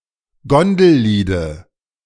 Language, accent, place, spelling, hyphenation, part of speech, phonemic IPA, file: German, Germany, Berlin, Gondelliede, Gon‧del‧lie‧de, noun, /ˈɡɔndl̩ˌliːdə/, De-Gondelliede.ogg
- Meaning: dative singular of Gondellied